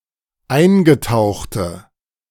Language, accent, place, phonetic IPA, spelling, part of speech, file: German, Germany, Berlin, [ˈaɪ̯nɡəˌtaʊ̯xtə], eingetauchte, adjective, De-eingetauchte.ogg
- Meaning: inflection of eingetaucht: 1. strong/mixed nominative/accusative feminine singular 2. strong nominative/accusative plural 3. weak nominative all-gender singular